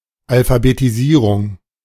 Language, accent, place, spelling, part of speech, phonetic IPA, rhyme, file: German, Germany, Berlin, Alphabetisierung, noun, [alfabetiˈziːʁʊŋ], -iːʁʊŋ, De-Alphabetisierung.ogg
- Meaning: 1. alphabetization / alphabetisation 2. literacy